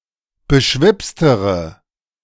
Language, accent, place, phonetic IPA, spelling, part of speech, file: German, Germany, Berlin, [bəˈʃvɪpstəʁə], beschwipstere, adjective, De-beschwipstere.ogg
- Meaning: inflection of beschwipst: 1. strong/mixed nominative/accusative feminine singular comparative degree 2. strong nominative/accusative plural comparative degree